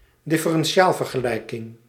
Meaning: differential equation
- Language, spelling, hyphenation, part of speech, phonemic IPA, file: Dutch, differentiaalvergelijking, dif‧fe‧ren‧ti‧aal‧ver‧ge‧lij‧king, noun, /dɪ.fə.rɛnˈ(t)ʃaːl.vər.ɣəˌlɛi̯.kɪŋ/, Nl-differentiaalvergelijking.ogg